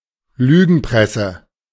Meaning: lying press
- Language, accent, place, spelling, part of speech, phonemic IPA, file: German, Germany, Berlin, Lügenpresse, noun, /ˈlyːɡn̩ˌpʁɛsə/, De-Lügenpresse.ogg